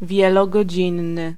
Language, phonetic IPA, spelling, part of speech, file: Polish, [ˌvʲjɛlɔɡɔˈd͡ʑĩnːɨ], wielogodzinny, adjective, Pl-wielogodzinny.ogg